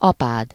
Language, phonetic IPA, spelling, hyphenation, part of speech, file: Hungarian, [ˈɒpaːd], apád, apád, noun, Hu-apád.ogg
- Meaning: second-person singular single-possession possessive of apa